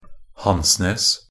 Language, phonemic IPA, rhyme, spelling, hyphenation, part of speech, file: Norwegian Bokmål, /ˈhansneːs/, -eːs, Hansnes, Hans‧nes, proper noun, Nb-hansnes.ogg
- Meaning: Hansnes (an urban area and administrative center of Karlsøy, Troms og Finnmark, Norway)